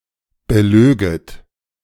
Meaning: second-person plural subjunctive II of belügen
- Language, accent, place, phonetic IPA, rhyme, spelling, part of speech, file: German, Germany, Berlin, [bəˈløːɡət], -øːɡət, belöget, verb, De-belöget.ogg